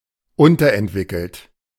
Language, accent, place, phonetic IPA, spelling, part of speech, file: German, Germany, Berlin, [ˈʊntɐʔɛntˌvɪkl̩t], unterentwickelt, adjective, De-unterentwickelt.ogg
- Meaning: underdeveloped